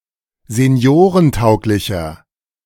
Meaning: 1. comparative degree of seniorentauglich 2. inflection of seniorentauglich: strong/mixed nominative masculine singular 3. inflection of seniorentauglich: strong genitive/dative feminine singular
- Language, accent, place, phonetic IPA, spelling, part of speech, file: German, Germany, Berlin, [zeˈni̯oːʁənˌtaʊ̯klɪçɐ], seniorentauglicher, adjective, De-seniorentauglicher.ogg